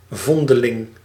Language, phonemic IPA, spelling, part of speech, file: Dutch, /ˈvɔndəˌlɪŋ/, vondeling, noun, Nl-vondeling.ogg
- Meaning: foundling, an abandoned and/or orphaned but timely found and raised child